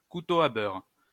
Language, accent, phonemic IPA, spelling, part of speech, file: French, France, /ku.to a bœʁ/, couteau à beurre, noun, LL-Q150 (fra)-couteau à beurre.wav
- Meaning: butter knife